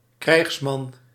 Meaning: a male warrior
- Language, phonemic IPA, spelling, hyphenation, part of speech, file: Dutch, /ˈkrɛi̯xs.mɑn/, krijgsman, krijgs‧man, noun, Nl-krijgsman.ogg